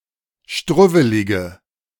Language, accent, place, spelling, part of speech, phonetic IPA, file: German, Germany, Berlin, struwwelige, adjective, [ˈʃtʁʊvəlɪɡə], De-struwwelige.ogg
- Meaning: inflection of struwwelig: 1. strong/mixed nominative/accusative feminine singular 2. strong nominative/accusative plural 3. weak nominative all-gender singular